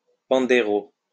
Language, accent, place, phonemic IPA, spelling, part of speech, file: French, France, Lyon, /pɑ̃.de.ʁo/, pandeiro, noun, LL-Q150 (fra)-pandeiro.wav
- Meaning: Pandeiro